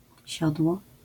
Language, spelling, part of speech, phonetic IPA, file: Polish, siodło, noun, [ˈɕɔdwɔ], LL-Q809 (pol)-siodło.wav